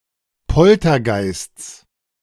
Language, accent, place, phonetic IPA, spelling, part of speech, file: German, Germany, Berlin, [ˈpɔltɐˌɡaɪ̯st͡s], Poltergeists, noun, De-Poltergeists.ogg
- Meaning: genitive singular of Poltergeist